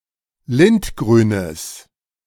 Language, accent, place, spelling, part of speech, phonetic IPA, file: German, Germany, Berlin, lindgrünes, adjective, [ˈlɪntˌɡʁyːnəs], De-lindgrünes.ogg
- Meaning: strong/mixed nominative/accusative neuter singular of lindgrün